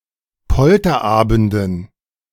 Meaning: dative plural of Polterabend
- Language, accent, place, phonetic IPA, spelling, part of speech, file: German, Germany, Berlin, [ˈpɔltɐˌʔaːbn̩dən], Polterabenden, noun, De-Polterabenden.ogg